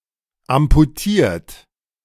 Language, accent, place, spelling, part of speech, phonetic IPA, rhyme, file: German, Germany, Berlin, amputiert, adjective / verb, [ampuˈtiːɐ̯t], -iːɐ̯t, De-amputiert.ogg
- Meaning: 1. past participle of amputieren 2. inflection of amputieren: third-person singular present 3. inflection of amputieren: second-person plural present 4. inflection of amputieren: plural imperative